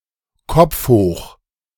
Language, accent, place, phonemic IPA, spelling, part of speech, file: German, Germany, Berlin, /ˈkɔp͡f hoːx/, Kopf hoch, phrase, De-Kopf hoch.ogg
- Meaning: Chin up!, Cheer up!